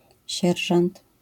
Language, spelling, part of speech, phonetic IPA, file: Polish, sierżant, noun, [ˈɕɛrʒãnt], LL-Q809 (pol)-sierżant.wav